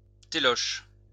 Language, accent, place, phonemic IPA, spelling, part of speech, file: French, France, Lyon, /te.lɔʃ/, téloche, noun, LL-Q150 (fra)-téloche.wav
- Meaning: television; telly, box